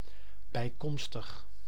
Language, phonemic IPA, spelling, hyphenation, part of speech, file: Dutch, /ˌbɛi̯ˈkɔm.stəx/, bijkomstig, bij‧kom‧stig, adjective, Nl-bijkomstig.ogg
- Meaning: secondary, less important, having less importance